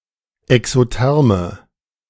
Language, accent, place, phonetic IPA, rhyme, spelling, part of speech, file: German, Germany, Berlin, [ɛksoˈtɛʁmə], -ɛʁmə, exotherme, adjective, De-exotherme.ogg
- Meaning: inflection of exotherm: 1. strong/mixed nominative/accusative feminine singular 2. strong nominative/accusative plural 3. weak nominative all-gender singular